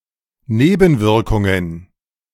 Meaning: plural of Nebenwirkung
- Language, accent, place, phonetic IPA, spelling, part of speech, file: German, Germany, Berlin, [ˈneːbn̩ˌvɪʁkʊŋən], Nebenwirkungen, noun, De-Nebenwirkungen.ogg